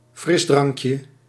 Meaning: diminutive of frisdrank
- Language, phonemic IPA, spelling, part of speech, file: Dutch, /ˈfrɪzdrɑŋkjə/, frisdrankje, noun, Nl-frisdrankje.ogg